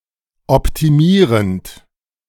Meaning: present participle of optimieren
- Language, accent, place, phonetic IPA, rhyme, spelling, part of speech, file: German, Germany, Berlin, [ɔptiˈmiːʁənt], -iːʁənt, optimierend, verb, De-optimierend.ogg